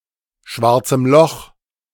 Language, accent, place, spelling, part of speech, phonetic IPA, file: German, Germany, Berlin, schwarzem Loch, noun, [ˈʃvaʁt͡səm lɔx], De-schwarzem Loch.ogg
- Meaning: dative singular of schwarzes Loch